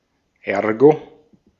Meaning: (conjunction) ergo
- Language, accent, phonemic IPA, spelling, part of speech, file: German, Austria, /ˈɛʁɡo/, ergo, conjunction / adverb, De-at-ergo.ogg